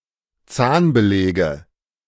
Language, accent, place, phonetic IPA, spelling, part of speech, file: German, Germany, Berlin, [ˈt͡saːnbəˌlɛːɡə], Zahnbeläge, noun, De-Zahnbeläge.ogg
- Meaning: nominative/accusative/genitive plural of Zahnbelag